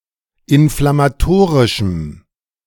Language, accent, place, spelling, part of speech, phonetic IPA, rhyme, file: German, Germany, Berlin, inflammatorischem, adjective, [ɪnflamaˈtoːʁɪʃm̩], -oːʁɪʃm̩, De-inflammatorischem.ogg
- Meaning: strong dative masculine/neuter singular of inflammatorisch